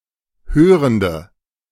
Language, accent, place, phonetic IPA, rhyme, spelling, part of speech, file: German, Germany, Berlin, [ˈhøːʁəndə], -øːʁəndə, hörende, adjective, De-hörende.ogg
- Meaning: inflection of hörend: 1. strong/mixed nominative/accusative feminine singular 2. strong nominative/accusative plural 3. weak nominative all-gender singular 4. weak accusative feminine/neuter singular